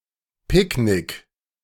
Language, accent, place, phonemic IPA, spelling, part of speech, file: German, Germany, Berlin, /ˈpɪkˌnɪk/, Picknick, noun, De-Picknick.ogg
- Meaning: picnic